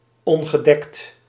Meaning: 1. uncovered, not protected against attacks or the elements 2. uncovered, not wearing headwear 3. naked, not clothed 4. uncovered, not having been covered by a male animal (of female animals)
- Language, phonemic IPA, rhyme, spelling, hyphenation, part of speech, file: Dutch, /ˌɔŋ.ɣəˈdɛkt/, -ɛkt, ongedekt, on‧ge‧dekt, adjective, Nl-ongedekt.ogg